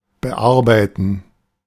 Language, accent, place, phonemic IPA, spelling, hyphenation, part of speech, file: German, Germany, Berlin, /bəˈʔaʁbaɪtn̩/, bearbeiten, be‧ar‧bei‧ten, verb, De-bearbeiten.ogg
- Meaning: 1. to edit 2. to work on something 3. to process (documents, forms, etc.) 4. to take something to, to hit, to strike (repeatedly)